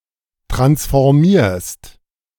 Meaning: second-person singular present of transformieren
- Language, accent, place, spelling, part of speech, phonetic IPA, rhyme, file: German, Germany, Berlin, transformierst, verb, [ˌtʁansfɔʁˈmiːɐ̯st], -iːɐ̯st, De-transformierst.ogg